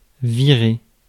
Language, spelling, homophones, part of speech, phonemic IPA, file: French, virer, virai / viré / virée / virées / virés / virez, verb, /vi.ʁe/, Fr-virer.ogg
- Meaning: 1. to bear, veer (change direction slightly) 2. to turn into, become 3. to transfer (money, from one account to another) 4. to get rid of, fire, shitcan